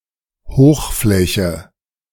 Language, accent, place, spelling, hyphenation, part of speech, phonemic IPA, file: German, Germany, Berlin, Hochfläche, Hoch‧flä‧che, noun, /ˈhoːxˌflɛçə/, De-Hochfläche.ogg
- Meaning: a plain that is higher than the surrounding area; plateau, tableland